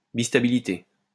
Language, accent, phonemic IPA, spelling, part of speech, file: French, France, /bis.ta.bi.li.te/, bistabilité, noun, LL-Q150 (fra)-bistabilité.wav
- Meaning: bistability